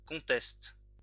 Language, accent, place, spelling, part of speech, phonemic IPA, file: French, France, Lyon, conteste, noun / verb, /kɔ̃.tɛst/, LL-Q150 (fra)-conteste.wav
- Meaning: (noun) only used in sans conteste (“no doubt”); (verb) inflection of contester: 1. first/third-person singular present indicative/subjunctive 2. second-person singular imperative